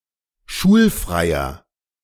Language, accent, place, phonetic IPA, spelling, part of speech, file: German, Germany, Berlin, [ˈʃuːlˌfʁaɪ̯ɐ], schulfreier, adjective, De-schulfreier.ogg
- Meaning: inflection of schulfrei: 1. strong/mixed nominative masculine singular 2. strong genitive/dative feminine singular 3. strong genitive plural